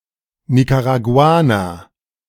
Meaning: Nicaraguan (person from Nicaragua)
- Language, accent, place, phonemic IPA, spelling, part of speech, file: German, Germany, Berlin, /ˌnikaʁaˑɡuˈaːnɐ/, Nicaraguaner, noun, De-Nicaraguaner.ogg